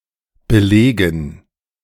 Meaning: dative plural of Beleg
- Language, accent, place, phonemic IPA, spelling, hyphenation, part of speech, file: German, Germany, Berlin, /bəˈleːɡən/, Belegen, Be‧le‧gen, noun, De-Belegen.ogg